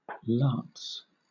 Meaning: 1. plural of lat: the former currency or money of Latvia 2. Alternative form of lat
- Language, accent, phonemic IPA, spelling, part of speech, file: English, Southern England, /lɑːts/, lats, noun, LL-Q1860 (eng)-lats.wav